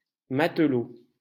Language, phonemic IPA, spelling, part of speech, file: French, /mat.lo/, matelot, noun, LL-Q150 (fra)-matelot.wav
- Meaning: sailor (male), seaman